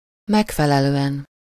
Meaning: 1. satisfactorily 2. according to
- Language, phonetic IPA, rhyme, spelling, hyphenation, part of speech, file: Hungarian, [ˈmɛkfɛlɛløːɛn], -ɛn, megfelelően, meg‧fe‧le‧lő‧en, adverb, Hu-megfelelően.ogg